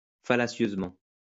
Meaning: deceptively, fallaciously
- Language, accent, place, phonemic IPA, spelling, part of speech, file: French, France, Lyon, /fa.la.sjøz.mɑ̃/, fallacieusement, adverb, LL-Q150 (fra)-fallacieusement.wav